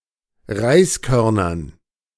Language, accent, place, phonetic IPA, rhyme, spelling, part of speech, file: German, Germany, Berlin, [ˈʁaɪ̯sˌkœʁnɐn], -aɪ̯skœʁnɐn, Reiskörnern, noun, De-Reiskörnern.ogg
- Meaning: dative plural of Reiskorn